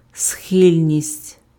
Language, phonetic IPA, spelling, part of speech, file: Ukrainian, [ˈsxɪlʲnʲisʲtʲ], схильність, noun, Uk-схильність.ogg
- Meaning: inclination, disposition, propensity, proclivity, leaning (mental tendency)